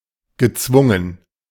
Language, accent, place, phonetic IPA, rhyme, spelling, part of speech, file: German, Germany, Berlin, [ɡəˈt͡svʊŋən], -ʊŋən, gezwungen, verb, De-gezwungen.ogg
- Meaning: past participle of zwingen